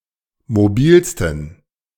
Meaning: 1. superlative degree of mobil 2. inflection of mobil: strong genitive masculine/neuter singular superlative degree
- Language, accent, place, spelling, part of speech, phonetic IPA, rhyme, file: German, Germany, Berlin, mobilsten, adjective, [moˈbiːlstn̩], -iːlstn̩, De-mobilsten.ogg